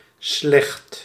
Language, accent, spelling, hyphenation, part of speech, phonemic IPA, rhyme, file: Dutch, Netherlands, slecht, slecht, adjective / verb, /slɛxt/, -ɛxt, Nl-slecht.ogg
- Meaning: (adjective) 1. bad 2. ordinary, simple, common, mean; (verb) inflection of slechten: 1. first/second/third-person singular present indicative 2. imperative